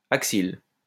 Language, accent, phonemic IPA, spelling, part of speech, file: French, France, /ak.sil/, axile, adjective, LL-Q150 (fra)-axile.wav
- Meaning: axile